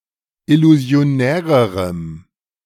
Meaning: strong dative masculine/neuter singular comparative degree of illusionär
- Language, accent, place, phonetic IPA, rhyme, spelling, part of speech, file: German, Germany, Berlin, [ɪluzi̯oˈnɛːʁəʁəm], -ɛːʁəʁəm, illusionärerem, adjective, De-illusionärerem.ogg